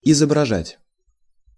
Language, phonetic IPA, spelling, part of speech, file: Russian, [ɪzəbrɐˈʐatʲ], изображать, verb, Ru-изображать.ogg
- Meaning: 1. to depict, picture, portray 2. to describe, represent, paint 3. to imitate